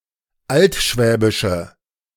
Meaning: inflection of altschwäbisch: 1. strong/mixed nominative/accusative feminine singular 2. strong nominative/accusative plural 3. weak nominative all-gender singular
- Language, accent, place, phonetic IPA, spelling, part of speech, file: German, Germany, Berlin, [ˈaltˌʃvɛːbɪʃə], altschwäbische, adjective, De-altschwäbische.ogg